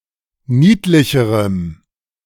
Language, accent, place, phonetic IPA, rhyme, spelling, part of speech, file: German, Germany, Berlin, [ˈniːtlɪçəʁəm], -iːtlɪçəʁəm, niedlicherem, adjective, De-niedlicherem.ogg
- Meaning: strong dative masculine/neuter singular comparative degree of niedlich